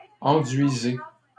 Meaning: inflection of enduire: 1. second-person plural present indicative 2. second-person plural imperative
- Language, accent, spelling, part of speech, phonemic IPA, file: French, Canada, enduisez, verb, /ɑ̃.dɥi.ze/, LL-Q150 (fra)-enduisez.wav